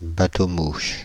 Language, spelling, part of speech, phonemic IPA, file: French, bateau-mouche, noun, /ba.to.muʃ/, Fr-bateau-mouche.ogg
- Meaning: a tourist sightseeing-boat, used especially in Paris